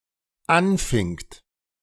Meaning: second-person plural dependent preterite of anfangen
- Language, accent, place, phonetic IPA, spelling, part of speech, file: German, Germany, Berlin, [ˈanˌfɪŋt], anfingt, verb, De-anfingt.ogg